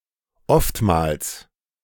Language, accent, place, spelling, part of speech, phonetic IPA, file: German, Germany, Berlin, oftmals, adverb, [ˈɔftmaːls], De-oftmals.ogg
- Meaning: oftentimes